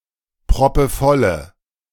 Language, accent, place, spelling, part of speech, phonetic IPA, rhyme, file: German, Germany, Berlin, proppevolle, adjective, [pʁɔpəˈfɔlə], -ɔlə, De-proppevolle.ogg
- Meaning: inflection of proppevoll: 1. strong/mixed nominative/accusative feminine singular 2. strong nominative/accusative plural 3. weak nominative all-gender singular